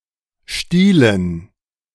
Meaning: dative plural of Stiel
- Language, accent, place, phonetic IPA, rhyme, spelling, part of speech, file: German, Germany, Berlin, [ˈʃtiːlən], -iːlən, Stielen, noun, De-Stielen.ogg